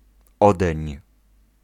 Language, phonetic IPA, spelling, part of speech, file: Polish, [ˈɔdɛ̃ɲ], odeń, contraction, Pl-odeń.ogg